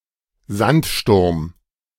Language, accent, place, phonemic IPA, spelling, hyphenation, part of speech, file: German, Germany, Berlin, /ˈzantˌʃtʊʁm/, Sandsturm, Sand‧sturm, noun, De-Sandsturm.ogg
- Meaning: sandstorm